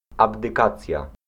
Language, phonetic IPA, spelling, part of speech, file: Polish, [ˌabdɨˈkat͡sʲja], abdykacja, noun, Pl-abdykacja.ogg